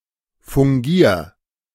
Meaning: 1. singular imperative of fungieren 2. first-person singular present of fungieren
- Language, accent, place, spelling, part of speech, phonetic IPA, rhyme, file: German, Germany, Berlin, fungier, verb, [fʊŋˈɡiːɐ̯], -iːɐ̯, De-fungier.ogg